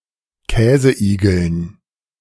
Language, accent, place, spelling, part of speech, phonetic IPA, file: German, Germany, Berlin, Käseigeln, noun, [ˈkɛːzəˌʔiːɡl̩n], De-Käseigeln.ogg
- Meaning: dative plural of Käseigel